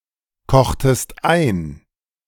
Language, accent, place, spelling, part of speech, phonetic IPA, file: German, Germany, Berlin, kochtest ein, verb, [ˌkɔxtəst ˈaɪ̯n], De-kochtest ein.ogg
- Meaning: inflection of einkochen: 1. second-person singular preterite 2. second-person singular subjunctive II